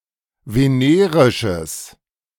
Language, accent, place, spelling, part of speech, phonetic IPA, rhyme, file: German, Germany, Berlin, venerisches, adjective, [veˈneːʁɪʃəs], -eːʁɪʃəs, De-venerisches.ogg
- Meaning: strong/mixed nominative/accusative neuter singular of venerisch